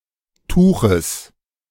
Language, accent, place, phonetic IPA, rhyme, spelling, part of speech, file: German, Germany, Berlin, [ˈtuːxəs], -uːxəs, Tuches, noun, De-Tuches.ogg
- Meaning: genitive singular of Tuch